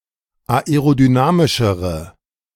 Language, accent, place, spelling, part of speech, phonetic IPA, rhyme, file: German, Germany, Berlin, aerodynamischere, adjective, [aeʁodyˈnaːmɪʃəʁə], -aːmɪʃəʁə, De-aerodynamischere.ogg
- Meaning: inflection of aerodynamisch: 1. strong/mixed nominative/accusative feminine singular comparative degree 2. strong nominative/accusative plural comparative degree